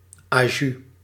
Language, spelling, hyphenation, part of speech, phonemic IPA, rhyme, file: Dutch, ajuus, ajuus, interjection, /aːˈjys/, -ys, Nl-ajuus.ogg
- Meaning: alternative form of aju